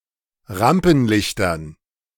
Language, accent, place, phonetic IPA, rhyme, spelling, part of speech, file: German, Germany, Berlin, [ˈʁampn̩ˌlɪçtɐn], -ampn̩lɪçtɐn, Rampenlichtern, noun, De-Rampenlichtern.ogg
- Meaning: dative plural of Rampenlicht